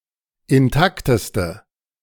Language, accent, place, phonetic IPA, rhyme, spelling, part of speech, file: German, Germany, Berlin, [ɪnˈtaktəstə], -aktəstə, intakteste, adjective, De-intakteste.ogg
- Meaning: inflection of intakt: 1. strong/mixed nominative/accusative feminine singular superlative degree 2. strong nominative/accusative plural superlative degree